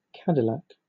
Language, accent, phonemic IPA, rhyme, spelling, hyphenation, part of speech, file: English, Southern England, /ˈkædɪlæk/, -æk, Cadillac, Ca‧dil‧lac, proper noun / adjective / noun, LL-Q1860 (eng)-Cadillac.wav
- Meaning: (proper noun) 1. A brand of luxury automobile (founded as an independent but since 1909 a marque of General Motors) 2. A surname from French 3. A placename.: An urban area of Quebec, Canada